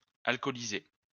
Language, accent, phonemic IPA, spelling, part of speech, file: French, France, /al.kɔ.li.ze/, alcooliser, verb, LL-Q150 (fra)-alcooliser.wav
- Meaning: to alcoholise